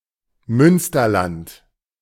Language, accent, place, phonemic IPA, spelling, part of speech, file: German, Germany, Berlin, /ˈmʏnstɐˌlant/, Münsterland, proper noun, De-Münsterland.ogg
- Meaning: Münsterland (a region in western Westphalia, in North Rhine-Westphalia, Germany)